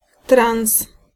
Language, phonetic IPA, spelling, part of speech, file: Polish, [trãw̃s], trans, noun / adjective, Pl-trans.ogg